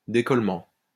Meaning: detachment, unsticking
- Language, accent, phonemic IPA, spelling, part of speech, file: French, France, /de.kɔl.mɑ̃/, décollement, noun, LL-Q150 (fra)-décollement.wav